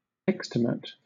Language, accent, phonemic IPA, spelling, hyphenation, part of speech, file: English, Southern England, /ˈɛkstɪmət/, extimate, ex‧tim‧ate, adjective, LL-Q1860 (eng)-extimate.wav
- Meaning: 1. Most distant or faraway; outermost, uttermost 2. In the works of Jacques Lacan: simultaneously external and intimate